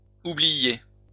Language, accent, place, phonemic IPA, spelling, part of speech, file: French, France, Lyon, /u.bli.je/, oubliiez, verb, LL-Q150 (fra)-oubliiez.wav
- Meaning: inflection of oublier: 1. second-person plural imperfect indicative 2. second-person plural present subjunctive